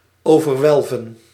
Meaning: to overarch
- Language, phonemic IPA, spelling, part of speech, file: Dutch, /ˌoː.vərˈʋɛl.və(n)/, overwelven, verb, Nl-overwelven.ogg